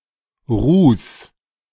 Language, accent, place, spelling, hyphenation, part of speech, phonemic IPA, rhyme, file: German, Germany, Berlin, Ruß, Ruß, noun, /ʁuːs/, -uːs, De-Ruß.ogg
- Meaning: soot